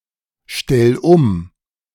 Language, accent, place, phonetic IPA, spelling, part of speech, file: German, Germany, Berlin, [ˌʃtɛl ˈʊm], stell um, verb, De-stell um.ogg
- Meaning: 1. singular imperative of umstellen 2. first-person singular present of umstellen